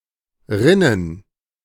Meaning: plural of Rinne
- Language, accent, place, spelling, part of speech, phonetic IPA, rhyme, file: German, Germany, Berlin, Rinnen, noun, [ˈʁɪnən], -ɪnən, De-Rinnen.ogg